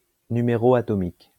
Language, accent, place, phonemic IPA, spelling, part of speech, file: French, France, Lyon, /ny.me.ʁo a.tɔ.mik/, numéro atomique, noun, LL-Q150 (fra)-numéro atomique.wav
- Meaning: atomic number